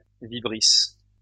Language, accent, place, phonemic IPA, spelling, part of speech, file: French, France, Lyon, /vi.bʁis/, vibrisse, noun, LL-Q150 (fra)-vibrisse.wav
- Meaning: vibrissa (any of the tactile whiskers on the nose of an animal such as a cat; any similar feather near the mouth of some birds)